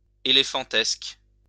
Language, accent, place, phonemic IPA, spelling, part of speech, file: French, France, Lyon, /e.le.fɑ̃.tɛsk/, éléphantesque, adjective, LL-Q150 (fra)-éléphantesque.wav
- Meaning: elephantine, mammoth, colossal (very large)